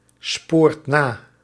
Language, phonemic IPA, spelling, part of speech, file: Dutch, /ˈsport ˈna/, spoort na, verb, Nl-spoort na.ogg
- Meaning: inflection of nasporen: 1. second/third-person singular present indicative 2. plural imperative